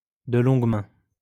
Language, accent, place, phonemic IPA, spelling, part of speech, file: French, France, Lyon, /də lɔ̃ɡ mɛ̃/, de longue main, adverb, LL-Q150 (fra)-de longue main.wav
- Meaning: for a long time